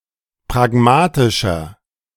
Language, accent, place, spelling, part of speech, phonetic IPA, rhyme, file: German, Germany, Berlin, pragmatischer, adjective, [pʁaˈɡmaːtɪʃɐ], -aːtɪʃɐ, De-pragmatischer.ogg
- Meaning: 1. comparative degree of pragmatisch 2. inflection of pragmatisch: strong/mixed nominative masculine singular 3. inflection of pragmatisch: strong genitive/dative feminine singular